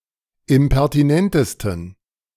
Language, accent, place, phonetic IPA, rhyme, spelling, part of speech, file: German, Germany, Berlin, [ɪmpɛʁtiˈnɛntəstn̩], -ɛntəstn̩, impertinentesten, adjective, De-impertinentesten.ogg
- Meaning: 1. superlative degree of impertinent 2. inflection of impertinent: strong genitive masculine/neuter singular superlative degree